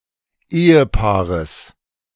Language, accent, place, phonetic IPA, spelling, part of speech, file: German, Germany, Berlin, [ˈeːəˌpaːʁəs], Ehepaares, noun, De-Ehepaares.ogg
- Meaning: genitive singular of Ehepaar